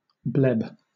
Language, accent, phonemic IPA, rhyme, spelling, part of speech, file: English, Southern England, /blɛb/, -ɛb, bleb, noun / verb, LL-Q1860 (eng)-bleb.wav
- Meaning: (noun) 1. A bubble, such as in paint or glass 2. A large vesicle or bulla, usually containing a serous fluid 3. An irregular bulge in the plasma membrane of a cell undergoing apoptosis